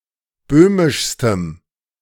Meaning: strong dative masculine/neuter singular superlative degree of böhmisch
- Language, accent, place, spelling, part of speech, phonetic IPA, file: German, Germany, Berlin, böhmischstem, adjective, [ˈbøːmɪʃstəm], De-böhmischstem.ogg